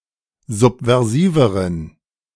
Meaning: inflection of subversiv: 1. strong genitive masculine/neuter singular comparative degree 2. weak/mixed genitive/dative all-gender singular comparative degree
- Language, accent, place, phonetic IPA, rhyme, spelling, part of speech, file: German, Germany, Berlin, [ˌzupvɛʁˈziːvəʁən], -iːvəʁən, subversiveren, adjective, De-subversiveren.ogg